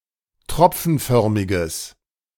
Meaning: strong/mixed nominative/accusative neuter singular of tropfenförmig
- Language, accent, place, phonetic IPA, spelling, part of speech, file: German, Germany, Berlin, [ˈtʁɔp͡fn̩ˌfœʁmɪɡəs], tropfenförmiges, adjective, De-tropfenförmiges.ogg